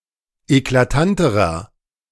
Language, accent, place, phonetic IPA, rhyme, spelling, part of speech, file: German, Germany, Berlin, [eklaˈtantəʁɐ], -antəʁɐ, eklatanterer, adjective, De-eklatanterer.ogg
- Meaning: inflection of eklatant: 1. strong/mixed nominative masculine singular comparative degree 2. strong genitive/dative feminine singular comparative degree 3. strong genitive plural comparative degree